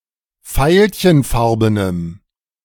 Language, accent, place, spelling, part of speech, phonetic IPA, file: German, Germany, Berlin, veilchenfarbenem, adjective, [ˈfaɪ̯lçənˌfaʁbənəm], De-veilchenfarbenem.ogg
- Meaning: strong dative masculine/neuter singular of veilchenfarben